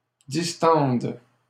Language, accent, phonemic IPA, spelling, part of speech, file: French, Canada, /dis.tɑ̃d/, distendes, verb, LL-Q150 (fra)-distendes.wav
- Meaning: second-person singular present subjunctive of distendre